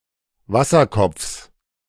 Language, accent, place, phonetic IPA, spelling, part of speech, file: German, Germany, Berlin, [ˈvasɐˌkɔp͡fs], Wasserkopfs, noun, De-Wasserkopfs.ogg
- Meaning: genitive of Wasserkopf